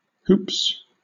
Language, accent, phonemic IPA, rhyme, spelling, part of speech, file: English, Southern England, /huːps/, -uːps, hoops, noun / verb, LL-Q1860 (eng)-hoops.wav
- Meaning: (noun) 1. plural of hoop 2. Basketball; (verb) third-person singular simple present indicative of hoop